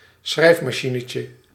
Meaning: diminutive of schrijfmachine
- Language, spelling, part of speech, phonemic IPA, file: Dutch, schrijfmachinetje, noun, /ˈsxrɛifmɑˌʃinəcə/, Nl-schrijfmachinetje.ogg